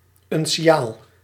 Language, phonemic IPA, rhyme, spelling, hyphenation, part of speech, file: Dutch, /ˌʏn.siˈaːl/, -aːl, unciaal, un‧ci‧aal, noun, Nl-unciaal.ogg
- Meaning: 1. uncial letter, late classical and early medieval style of letter 2. uncial script